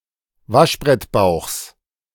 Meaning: genitive singular of Waschbrettbauch
- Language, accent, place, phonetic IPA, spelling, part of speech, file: German, Germany, Berlin, [ˈvaʃbʁɛtˌbaʊ̯xs], Waschbrettbauchs, noun, De-Waschbrettbauchs.ogg